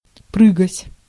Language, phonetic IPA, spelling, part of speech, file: Russian, [ˈprɨɡətʲ], прыгать, verb, Ru-прыгать.ogg
- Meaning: to jump, to spring, to leap